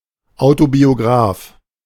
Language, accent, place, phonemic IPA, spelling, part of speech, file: German, Germany, Berlin, /aʊ̯tobioˈɡʁaːf/, Autobiograf, noun, De-Autobiograf.ogg
- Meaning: autobiographer (male or of unspecified gender)